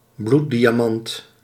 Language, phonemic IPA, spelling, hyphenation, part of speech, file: Dutch, /ˈblu(t).di.aːˌmɑnt/, bloeddiamant, bloed‧dia‧mant, noun, Nl-bloeddiamant.ogg
- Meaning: blood diamond